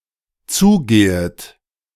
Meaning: second-person plural dependent subjunctive I of zugehen
- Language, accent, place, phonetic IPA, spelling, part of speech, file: German, Germany, Berlin, [ˈt͡suːˌɡeːət], zugehet, verb, De-zugehet.ogg